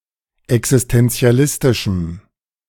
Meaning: strong dative masculine/neuter singular of existenzialistisch
- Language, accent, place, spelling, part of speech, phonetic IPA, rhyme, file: German, Germany, Berlin, existenzialistischem, adjective, [ɛksɪstɛnt͡si̯aˈlɪstɪʃm̩], -ɪstɪʃm̩, De-existenzialistischem.ogg